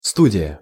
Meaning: 1. studio (artist's or photographer's workshop) 2. studio (television or radio studio) 3. studio apartment 4. art school 5. theater troupe (of young actors)
- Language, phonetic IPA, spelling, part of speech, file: Russian, [ˈstudʲɪjə], студия, noun, Ru-студия.ogg